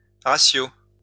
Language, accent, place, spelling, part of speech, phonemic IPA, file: French, France, Lyon, ratio, noun, /ʁa.sjo/, LL-Q150 (fra)-ratio.wav
- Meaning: ratio